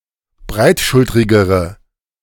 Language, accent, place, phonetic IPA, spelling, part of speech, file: German, Germany, Berlin, [ˈbʁaɪ̯tˌʃʊltʁɪɡəʁə], breitschultrigere, adjective, De-breitschultrigere.ogg
- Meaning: inflection of breitschultrig: 1. strong/mixed nominative/accusative feminine singular comparative degree 2. strong nominative/accusative plural comparative degree